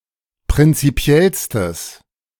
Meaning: strong/mixed nominative/accusative neuter singular superlative degree of prinzipiell
- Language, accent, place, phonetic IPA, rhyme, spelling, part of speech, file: German, Germany, Berlin, [pʁɪnt͡siˈpi̯ɛlstəs], -ɛlstəs, prinzipiellstes, adjective, De-prinzipiellstes.ogg